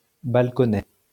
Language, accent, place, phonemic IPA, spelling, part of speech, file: French, France, Lyon, /bal.kɔ.nɛ/, balconnet, noun, LL-Q150 (fra)-balconnet.wav
- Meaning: 1. small balcony 2. half-cup bra, balcony bra